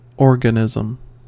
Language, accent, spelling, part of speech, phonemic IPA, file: English, US, organism, noun, /ˈɔɹ.ɡəˌnɪz.əm/, En-us-organism.ogg
- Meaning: 1. A discrete and complete living thing, such as animal, plant, fungus or microorganism 2. Something with many separate interdependent parts, seen as being like a living thing; an organic system